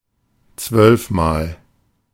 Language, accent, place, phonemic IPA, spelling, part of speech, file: German, Germany, Berlin, /ˈt͡svœlfmaːl/, zwölfmal, adverb, De-zwölfmal.ogg
- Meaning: twelve times